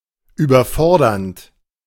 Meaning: present participle of überfordern
- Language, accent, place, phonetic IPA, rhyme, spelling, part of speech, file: German, Germany, Berlin, [yːbɐˈfɔʁdɐnt], -ɔʁdɐnt, überfordernd, verb, De-überfordernd.ogg